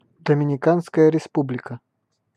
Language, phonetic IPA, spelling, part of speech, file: Russian, [dəmʲɪnʲɪˈkanskəjə rʲɪˈspublʲɪkə], Доминиканская Республика, proper noun, Ru-Доминиканская Республика.ogg
- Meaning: Dominican Republic (a country in the Caribbean)